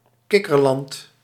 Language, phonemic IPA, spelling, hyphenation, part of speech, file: Dutch, /ˈkɪ.kərˌlɑnt/, kikkerland, kik‧ker‧land, noun, Nl-kikkerland.ogg
- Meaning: a small, unimportant and rather wet country, virtually exclusively said of the Netherlands